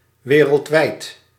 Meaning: worldwide
- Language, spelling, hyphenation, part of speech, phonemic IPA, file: Dutch, wereldwijd, we‧reld‧wijd, adjective, /ˈʋeː.rəltˌʋɛɪt/, Nl-wereldwijd.ogg